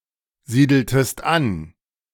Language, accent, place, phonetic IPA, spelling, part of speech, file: German, Germany, Berlin, [ˌziːdl̩təst ˈan], siedeltest an, verb, De-siedeltest an.ogg
- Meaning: inflection of ansiedeln: 1. second-person singular preterite 2. second-person singular subjunctive II